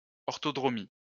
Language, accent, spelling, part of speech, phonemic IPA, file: French, France, orthodromie, noun, /ɔʁ.tɔ.dʁɔ.mi/, LL-Q150 (fra)-orthodromie.wav
- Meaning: orthodromic distance